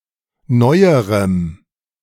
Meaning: strong dative masculine/neuter singular comparative degree of neu
- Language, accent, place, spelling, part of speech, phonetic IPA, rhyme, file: German, Germany, Berlin, neuerem, adjective, [ˈnɔɪ̯əʁəm], -ɔɪ̯əʁəm, De-neuerem.ogg